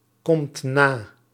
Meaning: inflection of nakomen: 1. second/third-person singular present indicative 2. plural imperative
- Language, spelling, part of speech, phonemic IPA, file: Dutch, komt na, verb, /ˈkɔmt ˈna/, Nl-komt na.ogg